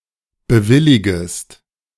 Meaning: second-person singular subjunctive I of bewilligen
- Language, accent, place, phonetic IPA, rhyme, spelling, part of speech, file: German, Germany, Berlin, [bəˈvɪlɪɡəst], -ɪlɪɡəst, bewilligest, verb, De-bewilligest.ogg